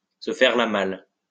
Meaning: to do a bunk, to take French leave, to skip town, to show a clean pair of heels
- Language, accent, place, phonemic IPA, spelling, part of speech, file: French, France, Lyon, /sə fɛʁ la mal/, se faire la malle, verb, LL-Q150 (fra)-se faire la malle.wav